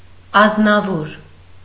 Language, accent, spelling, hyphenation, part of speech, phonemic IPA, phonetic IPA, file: Armenian, Eastern Armenian, ազնավոր, ազ‧նա‧վոր, noun, /ɑznɑˈvoɾ/, [ɑznɑvóɾ], Hy-ազնավոր.ogg
- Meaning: alternative form of ազնավուր (aznavur)